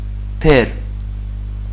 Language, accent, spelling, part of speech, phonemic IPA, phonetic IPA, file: Armenian, Western Armenian, բեռ, noun, /peɾ/, [pʰeɾ], HyW-բեռ.ogg
- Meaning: 1. burden; load; freight; cargo, lading 2. burden